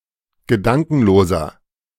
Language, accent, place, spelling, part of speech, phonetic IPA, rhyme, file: German, Germany, Berlin, gedankenloser, adjective, [ɡəˈdaŋkn̩loːzɐ], -aŋkn̩loːzɐ, De-gedankenloser.ogg
- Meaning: 1. comparative degree of gedankenlos 2. inflection of gedankenlos: strong/mixed nominative masculine singular 3. inflection of gedankenlos: strong genitive/dative feminine singular